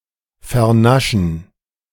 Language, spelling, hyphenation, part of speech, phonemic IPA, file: German, vernaschen, ver‧na‧schen, verb, /fɛɐ̯ˈnaʃn̩/, De-vernaschen.ogg
- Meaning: 1. to eat up, to eat something with great pleasure 2. to have sex